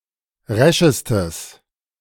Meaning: strong/mixed nominative/accusative neuter singular superlative degree of resch
- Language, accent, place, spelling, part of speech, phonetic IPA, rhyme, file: German, Germany, Berlin, reschestes, adjective, [ˈʁɛʃəstəs], -ɛʃəstəs, De-reschestes.ogg